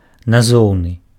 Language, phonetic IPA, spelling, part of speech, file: Belarusian, [naˈzou̯nɨ], назоўны, adjective, Be-назоўны.ogg
- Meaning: nominative